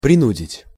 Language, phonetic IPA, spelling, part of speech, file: Russian, [prʲɪˈnudʲɪtʲ], принудить, verb, Ru-принудить.ogg
- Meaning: to force, to compel, to coerce